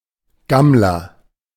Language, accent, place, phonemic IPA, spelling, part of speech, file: German, Germany, Berlin, /ˈɡamlɐ/, Gammler, noun, De-Gammler.ogg
- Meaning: hobo, tramp, loafer, long-haired layabout, bum, slacker